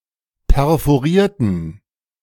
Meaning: inflection of perforieren: 1. first/third-person plural preterite 2. first/third-person plural subjunctive II
- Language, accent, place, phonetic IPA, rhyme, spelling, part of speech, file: German, Germany, Berlin, [pɛʁfoˈʁiːɐ̯tn̩], -iːɐ̯tn̩, perforierten, adjective / verb, De-perforierten.ogg